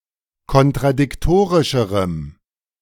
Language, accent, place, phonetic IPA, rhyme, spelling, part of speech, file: German, Germany, Berlin, [kɔntʁadɪkˈtoːʁɪʃəʁəm], -oːʁɪʃəʁəm, kontradiktorischerem, adjective, De-kontradiktorischerem.ogg
- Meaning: strong dative masculine/neuter singular comparative degree of kontradiktorisch